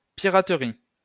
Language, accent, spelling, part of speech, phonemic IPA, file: French, France, piraterie, noun, /pi.ʁa.tʁi/, LL-Q150 (fra)-piraterie.wav
- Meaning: 1. piracy (business of being a pirate) 2. piracy (act done by pirates)